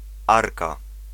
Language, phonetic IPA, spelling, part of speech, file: Polish, [ˈarka], arka, noun, Pl-arka.ogg